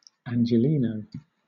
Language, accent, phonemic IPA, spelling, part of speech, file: English, Southern England, /ˌænd͡ʒɪˈliːnəʊ/, Angeleno, noun, LL-Q1860 (eng)-Angeleno.wav
- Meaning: A native or resident of Los Angeles